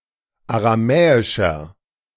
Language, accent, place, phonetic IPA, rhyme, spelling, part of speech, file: German, Germany, Berlin, [aʁaˈmɛːɪʃɐ], -ɛːɪʃɐ, aramäischer, adjective, De-aramäischer.ogg
- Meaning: inflection of aramäisch: 1. strong/mixed nominative masculine singular 2. strong genitive/dative feminine singular 3. strong genitive plural